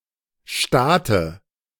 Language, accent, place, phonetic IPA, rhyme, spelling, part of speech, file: German, Germany, Berlin, [ˈʃtaːtə], -aːtə, Staate, noun, De-Staate.ogg
- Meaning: dative of Staat